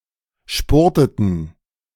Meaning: inflection of spurten: 1. first/third-person plural preterite 2. first/third-person plural subjunctive II
- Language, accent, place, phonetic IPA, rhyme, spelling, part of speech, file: German, Germany, Berlin, [ˈʃpʊʁtətn̩], -ʊʁtətn̩, spurteten, verb, De-spurteten.ogg